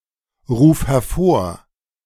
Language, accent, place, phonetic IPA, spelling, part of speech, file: German, Germany, Berlin, [ˌʁuːf hɛɐ̯ˈfoːɐ̯], ruf hervor, verb, De-ruf hervor.ogg
- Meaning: singular imperative of hervorrufen